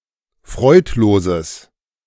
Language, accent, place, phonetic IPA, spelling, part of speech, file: German, Germany, Berlin, [ˈfʁɔɪ̯tˌloːzəs], freudloses, adjective, De-freudloses.ogg
- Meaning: strong/mixed nominative/accusative neuter singular of freudlos